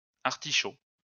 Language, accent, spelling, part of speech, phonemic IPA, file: French, France, artichauts, noun, /aʁ.ti.ʃo/, LL-Q150 (fra)-artichauts.wav
- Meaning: plural of artichaut